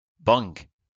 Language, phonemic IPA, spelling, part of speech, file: French, /bɑ̃ɡ/, bang, interjection / noun, LL-Q150 (fra)-bang.wav
- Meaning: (interjection) bang; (noun) 1. sonic boom 2. bong (marijuana pipe)